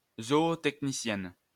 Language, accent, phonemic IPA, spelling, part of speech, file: French, France, /zɔ.o.tɛk.ni.sjɛn/, zootechnicienne, noun, LL-Q150 (fra)-zootechnicienne.wav
- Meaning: female zootechnician